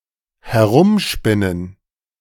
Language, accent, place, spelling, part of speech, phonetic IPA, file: German, Germany, Berlin, herumspinnen, verb, [hɛˈʁʊmˌʃpɪnən], De-herumspinnen.ogg
- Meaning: 1. to spin around 2. to act strange